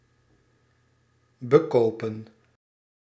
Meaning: 1. to pay for (to suffer punishment for) 2. to swindle, to hustle
- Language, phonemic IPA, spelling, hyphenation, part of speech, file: Dutch, /bəˈkoːpə(n)/, bekopen, be‧ko‧pen, verb, Nl-bekopen.ogg